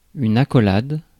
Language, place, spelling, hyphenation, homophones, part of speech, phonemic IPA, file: French, Paris, accolade, ac‧co‧lade, accolades, noun / verb, /a.kɔ.lad/, Fr-accolade.ogg
- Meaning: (noun) 1. curly bracket (brace) 2. accolade (knights) 3. embrace; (verb) inflection of accolader: 1. first/third-person singular present indicative/subjunctive 2. second-person singular imperative